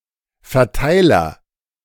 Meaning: 1. agent noun of verteilen; distributor 2. mailing list 3. switch
- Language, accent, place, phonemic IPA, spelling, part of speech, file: German, Germany, Berlin, /fɛɐ̯ˈtaɪ̯lɐ/, Verteiler, noun, De-Verteiler.ogg